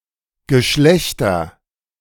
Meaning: nominative/accusative/genitive plural of Geschlecht
- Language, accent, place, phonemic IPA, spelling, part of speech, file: German, Germany, Berlin, /ɡəˈʃlɛçtɐ/, Geschlechter, noun, De-Geschlechter.ogg